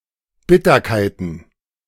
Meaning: plural of Bitterkeit
- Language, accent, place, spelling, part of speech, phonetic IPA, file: German, Germany, Berlin, Bitterkeiten, noun, [ˈbɪtɐkaɪ̯tn̩], De-Bitterkeiten.ogg